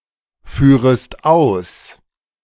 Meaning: second-person singular subjunctive I of ausführen
- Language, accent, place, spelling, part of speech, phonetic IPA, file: German, Germany, Berlin, führest aus, verb, [ˌfyːʁəst ˈaʊ̯s], De-führest aus.ogg